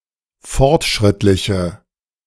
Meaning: inflection of fortschrittlich: 1. strong/mixed nominative/accusative feminine singular 2. strong nominative/accusative plural 3. weak nominative all-gender singular
- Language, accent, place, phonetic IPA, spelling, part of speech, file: German, Germany, Berlin, [ˈfɔʁtˌʃʁɪtlɪçə], fortschrittliche, adjective, De-fortschrittliche.ogg